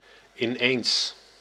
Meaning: suddenly
- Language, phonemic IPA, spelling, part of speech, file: Dutch, /ɪˈnens/, ineens, adverb, Nl-ineens.ogg